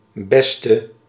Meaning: inflection of best, the superlative degree of goed: 1. masculine/feminine singular attributive 2. definite neuter singular attributive 3. plural attributive
- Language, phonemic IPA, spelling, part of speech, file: Dutch, /ˈbɛstə/, beste, adjective / noun, Nl-beste.ogg